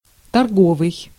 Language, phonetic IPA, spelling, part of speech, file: Russian, [tɐrˈɡovɨj], торговый, adjective, Ru-торговый.ogg
- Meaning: 1. commercial; (relational) trade 2. merchant